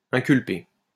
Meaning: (verb) past participle of inculper; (noun) a person charged with an offence
- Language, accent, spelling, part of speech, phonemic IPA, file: French, France, inculpé, verb / noun, /ɛ̃.kyl.pe/, LL-Q150 (fra)-inculpé.wav